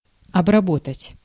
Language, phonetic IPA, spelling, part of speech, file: Russian, [ɐbrɐˈbotətʲ], обработать, verb, Ru-обработать.ogg
- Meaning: 1. to process, to treat, to work on 2. to cultivate (soil) 3. to finish, to polish 4. to cleanse (a wound), to apply antiseptic 5. to indoctrinate, to influence